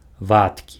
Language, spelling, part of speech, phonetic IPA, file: Belarusian, вадкі, adjective, [ˈvatkʲi], Be-вадкі.ogg
- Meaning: liquid